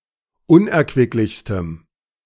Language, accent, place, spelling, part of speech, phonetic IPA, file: German, Germany, Berlin, unerquicklichstem, adjective, [ˈʊnʔɛɐ̯kvɪklɪçstəm], De-unerquicklichstem.ogg
- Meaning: strong dative masculine/neuter singular superlative degree of unerquicklich